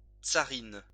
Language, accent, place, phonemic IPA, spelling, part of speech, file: French, France, Lyon, /tsa.ʁin/, tsarine, noun, LL-Q150 (fra)-tsarine.wav
- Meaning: tsarina